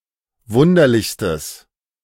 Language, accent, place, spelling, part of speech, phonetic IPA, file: German, Germany, Berlin, wunderlichstes, adjective, [ˈvʊndɐlɪçstəs], De-wunderlichstes.ogg
- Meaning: strong/mixed nominative/accusative neuter singular superlative degree of wunderlich